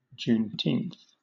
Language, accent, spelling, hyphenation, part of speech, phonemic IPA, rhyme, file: English, Southern England, Juneteenth, June‧teenth, proper noun, /ˌd͡ʒuːnˈtiːnθ/, -iːnθ, LL-Q1860 (eng)-Juneteenth.wav
- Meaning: Also more fully as Juneteenth Day: the United States national holiday commemorating the end of slavery, observed on June 19